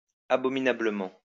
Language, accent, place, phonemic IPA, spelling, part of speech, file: French, France, Lyon, /a.bɔ.mi.na.blə.mɑ̃/, abominablement, adverb, LL-Q150 (fra)-abominablement.wav
- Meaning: 1. unbearably; insufferably 2. Exceedingly badly or poorly 3. abominably